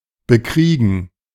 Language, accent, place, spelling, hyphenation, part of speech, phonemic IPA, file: German, Germany, Berlin, bekriegen, be‧krie‧gen, verb, /bəˈkʁiːɡən/, De-bekriegen.ogg
- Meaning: 1. to battle, fight, make war against 2. to compose oneself, become calm again